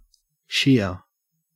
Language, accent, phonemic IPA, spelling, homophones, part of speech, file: English, Australia, /ʃɪə̯/, sheer, Scheer / shear, adjective / adverb / noun / verb, En-au-sheer.ogg
- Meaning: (adjective) 1. Very thin or transparent 2. Pure in composition; unmixed; unadulterated 3. Downright; complete; pure 4. Used to emphasize the amount or degree of something